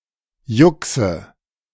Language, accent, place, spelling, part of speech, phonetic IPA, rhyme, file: German, Germany, Berlin, Juxe, noun, [ˈjʊksə], -ʊksə, De-Juxe.ogg
- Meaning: nominative/accusative/genitive plural of Jux